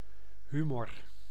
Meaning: 1. humour (sense of amusement) 2. humour (bodily fluid)
- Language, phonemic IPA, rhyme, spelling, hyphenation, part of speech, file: Dutch, /ˈɦymɔr/, -ymɔr, humor, hu‧mor, noun, Nl-humor.ogg